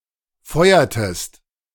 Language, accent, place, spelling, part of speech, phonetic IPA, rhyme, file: German, Germany, Berlin, feuertest, verb, [ˈfɔɪ̯ɐtəst], -ɔɪ̯ɐtəst, De-feuertest.ogg
- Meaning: inflection of feuern: 1. second-person singular preterite 2. second-person singular subjunctive II